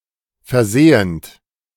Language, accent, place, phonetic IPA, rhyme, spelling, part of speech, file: German, Germany, Berlin, [fɛɐ̯ˈzeːənt], -eːənt, versehend, verb, De-versehend.ogg
- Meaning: present participle of versehen